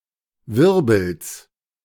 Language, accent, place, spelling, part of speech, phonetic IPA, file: German, Germany, Berlin, Wirbels, noun, [ˈvɪʁbl̩s], De-Wirbels.ogg
- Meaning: genitive singular of Wirbel